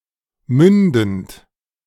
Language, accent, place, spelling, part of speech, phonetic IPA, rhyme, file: German, Germany, Berlin, mündend, verb, [ˈmʏndn̩t], -ʏndn̩t, De-mündend.ogg
- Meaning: present participle of münden